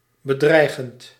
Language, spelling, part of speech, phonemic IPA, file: Dutch, bedreigend, verb / adjective, /bəˈdrɛiɣənt/, Nl-bedreigend.ogg
- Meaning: present participle of bedreigen